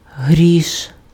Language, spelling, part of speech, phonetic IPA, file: Ukrainian, гріш, noun, [ɦrʲiʃ], Uk-гріш.ogg
- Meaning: 1. half-kopek coin 2. penny, cent, farthing, small amount of money, peanuts 3. money